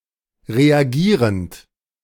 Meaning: present participle of reagieren
- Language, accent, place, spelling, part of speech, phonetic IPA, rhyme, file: German, Germany, Berlin, reagierend, verb, [ʁeaˈɡiːʁənt], -iːʁənt, De-reagierend.ogg